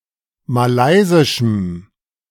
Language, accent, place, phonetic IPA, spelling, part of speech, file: German, Germany, Berlin, [maˈlaɪ̯zɪʃm̩], malaysischem, adjective, De-malaysischem.ogg
- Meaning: strong dative masculine/neuter singular of malaysisch